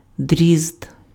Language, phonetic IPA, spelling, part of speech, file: Ukrainian, [dʲrʲizd], дрізд, noun, Uk-дрізд.ogg
- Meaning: thrush (bird)